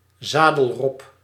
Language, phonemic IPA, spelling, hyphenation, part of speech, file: Dutch, /ˈzaː.dəlˌrɔp/, zadelrob, za‧del‧rob, noun, Nl-zadelrob.ogg
- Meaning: harp seal, saddleback seal (Pagophilus groenlandicus)